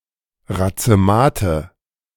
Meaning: nominative/accusative/genitive plural of Razemat
- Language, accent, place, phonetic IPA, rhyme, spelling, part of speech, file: German, Germany, Berlin, [ʁat͡səˈmaːtə], -aːtə, Razemate, noun, De-Razemate.ogg